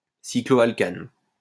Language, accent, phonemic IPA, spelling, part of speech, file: French, France, /si.klo.al.kan/, cycloalcane, noun, LL-Q150 (fra)-cycloalcane.wav
- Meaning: cycloalkane